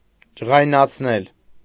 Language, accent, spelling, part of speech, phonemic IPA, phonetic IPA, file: Armenian, Eastern Armenian, ջղայնացնել, verb, /d͡ʒəʁɑjnɑt͡sʰˈnel/, [d͡ʒəʁɑjnɑt͡sʰnél], Hy-ջղայնացնել.ogg
- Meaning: causative of ջղայնանալ (ǰġaynanal): 1. to irritate, to annoy 2. to make angry